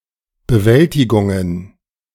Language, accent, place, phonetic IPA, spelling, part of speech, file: German, Germany, Berlin, [bəˈvɛltɪɡʊŋən], Bewältigungen, noun, De-Bewältigungen.ogg
- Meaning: plural of Bewältigung